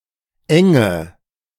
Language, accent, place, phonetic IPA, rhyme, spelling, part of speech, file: German, Germany, Berlin, [ˈɛŋə], -ɛŋə, enge, adjective / verb, De-enge.ogg
- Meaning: inflection of eng: 1. strong/mixed nominative/accusative feminine singular 2. strong nominative/accusative plural 3. weak nominative all-gender singular 4. weak accusative feminine/neuter singular